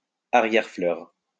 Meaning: second flowering
- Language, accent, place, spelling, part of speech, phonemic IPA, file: French, France, Lyon, arrière-fleur, noun, /a.ʁjɛʁ.flœʁ/, LL-Q150 (fra)-arrière-fleur.wav